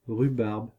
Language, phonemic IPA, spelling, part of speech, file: French, /ʁy.baʁb/, rhubarbe, noun, Fr-rhubarbe.ogg
- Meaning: rhubarb (any plant of the genus Rheum)